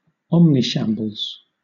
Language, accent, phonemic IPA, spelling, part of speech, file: English, Southern England, /ˈɒmniˌʃæmbəlz/, omnishambles, noun, LL-Q1860 (eng)-omnishambles.wav
- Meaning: A situation that is bad or mismanaged in every way